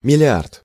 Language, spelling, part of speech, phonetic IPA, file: Russian, миллиард, numeral, [mʲɪlʲɪˈart], Ru-миллиард.ogg
- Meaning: billion, milliard (a short scale billion) (1,000,000,000, 10⁹)